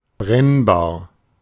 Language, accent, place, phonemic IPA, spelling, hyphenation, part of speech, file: German, Germany, Berlin, /ˈbʁɛnbaːɐ̯/, brennbar, brenn‧bar, adjective, De-brennbar.ogg
- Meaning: flammable / inflammable, combustible